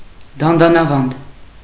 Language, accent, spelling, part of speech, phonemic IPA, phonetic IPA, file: Armenian, Eastern Armenian, դանդանավանդ, noun, /dɑndɑnɑˈvɑnd/, [dɑndɑnɑvɑ́nd], Hy-դանդանավանդ.ogg
- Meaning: 1. bit, curb 2. gag